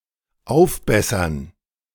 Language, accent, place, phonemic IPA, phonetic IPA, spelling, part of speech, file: German, Germany, Berlin, /ˈaʊ̯fˌbɛsəʁn/, [ˈʔaʊ̯fˌbɛ.sɐn], aufbessern, verb, De-aufbessern.ogg
- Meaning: 1. to improve somewhat, to raise from a low to an intermediate level 2. to supplement